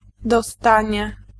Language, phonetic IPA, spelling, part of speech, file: Polish, [dɔˈstãɲɛ], dostanie, noun, Pl-dostanie.ogg